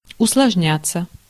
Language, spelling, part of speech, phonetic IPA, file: Russian, усложняться, verb, [ʊsɫɐʐˈnʲat͡sːə], Ru-усложняться.ogg
- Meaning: 1. to become more complex, to become more complicated 2. to become more difficult (e.g. to implement or maintain) 3. passive of усложня́ть (usložnjátʹ)